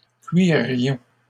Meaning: 1. inflection of cuirer: first-person plural imperfect indicative 2. inflection of cuirer: first-person plural present subjunctive 3. first-person plural conditional of cuire
- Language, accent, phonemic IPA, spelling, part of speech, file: French, Canada, /kɥi.ʁjɔ̃/, cuirions, verb, LL-Q150 (fra)-cuirions.wav